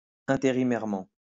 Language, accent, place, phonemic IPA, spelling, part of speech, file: French, France, Lyon, /ɛ̃.te.ʁi.mɛʁ.mɑ̃/, intérimairement, adverb, LL-Q150 (fra)-intérimairement.wav
- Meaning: temporarily (on an interim basis)